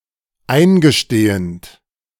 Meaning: present participle of eingestehen
- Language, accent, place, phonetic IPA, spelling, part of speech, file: German, Germany, Berlin, [ˈaɪ̯nɡəˌʃteːənt], eingestehend, verb, De-eingestehend.ogg